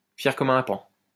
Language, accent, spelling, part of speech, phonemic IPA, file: French, France, fier comme un paon, adjective, /fjɛʁ kɔ.m‿œ̃ pɑ̃/, LL-Q150 (fra)-fier comme un paon.wav
- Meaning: proud as a peacock